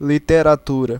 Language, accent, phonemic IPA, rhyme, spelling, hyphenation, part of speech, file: Portuguese, Brazil, /li.te.ɾaˈtu.ɾɐ/, -uɾɐ, literatura, li‧te‧ra‧tu‧ra, noun, Pt-br-literatura.ogg
- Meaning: literature (a body of written works collectively): 1. literature (the body of all written works) 2. literature (the body of written works from a given culture, nation or era)